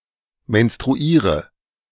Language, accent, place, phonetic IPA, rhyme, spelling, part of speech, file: German, Germany, Berlin, [mɛnstʁuˈiːʁə], -iːʁə, menstruiere, verb, De-menstruiere.ogg
- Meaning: inflection of menstruieren: 1. first-person singular present 2. singular imperative 3. first/third-person singular subjunctive I